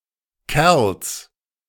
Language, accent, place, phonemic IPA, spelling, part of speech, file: German, Germany, Berlin, /kɛʁls/, Kerls, noun, De-Kerls.ogg
- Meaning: 1. genitive of Kerl 2. plural of Kerl